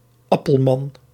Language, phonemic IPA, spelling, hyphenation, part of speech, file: Dutch, /ˈɑ.pəlˌmɑn/, Appelman, Ap‧pel‧man, proper noun, Nl-Appelman.ogg
- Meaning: a surname